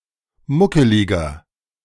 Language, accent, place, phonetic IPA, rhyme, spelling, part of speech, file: German, Germany, Berlin, [ˈmʊkəlɪɡɐ], -ʊkəlɪɡɐ, muckeliger, adjective, De-muckeliger.ogg
- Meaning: 1. comparative degree of muckelig 2. inflection of muckelig: strong/mixed nominative masculine singular 3. inflection of muckelig: strong genitive/dative feminine singular